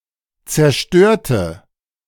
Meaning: inflection of zerstören: 1. first/third-person singular preterite 2. first/third-person singular subjunctive II
- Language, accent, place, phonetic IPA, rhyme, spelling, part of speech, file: German, Germany, Berlin, [t͡sɛɐ̯ˈʃtøːɐ̯tə], -øːɐ̯tə, zerstörte, adjective / verb, De-zerstörte.ogg